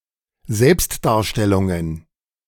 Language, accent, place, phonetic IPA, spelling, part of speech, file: German, Germany, Berlin, [ˈzɛlpstdaːɐ̯ˌʃtɛlʊŋən], Selbstdarstellungen, noun, De-Selbstdarstellungen.ogg
- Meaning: plural of Selbstdarstellung